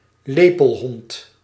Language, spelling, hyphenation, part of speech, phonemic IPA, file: Dutch, lepelhond, le‧pel‧hond, noun, /ˈleː.pəlˌɦɔnt/, Nl-lepelhond.ogg
- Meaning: bat-eared fox (Otocyon megalotis)